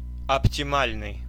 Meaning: optimal (the best)
- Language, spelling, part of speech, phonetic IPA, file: Russian, оптимальный, adjective, [ɐptʲɪˈmalʲnɨj], Ru-оптимальный.ogg